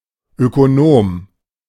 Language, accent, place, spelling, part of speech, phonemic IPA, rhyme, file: German, Germany, Berlin, Ökonom, noun, /ʔøkoˈnoːm/, -oːm, De-Ökonom.ogg
- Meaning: economist